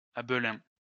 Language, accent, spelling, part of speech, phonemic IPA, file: French, France, Abelin, proper noun, /a.blɛ̃/, LL-Q150 (fra)-Abelin.wav
- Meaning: 1. a diminutive of the male given name Abel 2. a surname originating as a patronymic